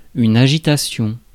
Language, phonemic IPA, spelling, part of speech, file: French, /a.ʒi.ta.sjɔ̃/, agitation, noun, Fr-agitation.ogg
- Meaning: 1. choppiness (of water), turbulence (in air), swaying (of branch etc.) 2. restlessness 3. bustle (of street, room etc.); activity 4. agitation 5. unrest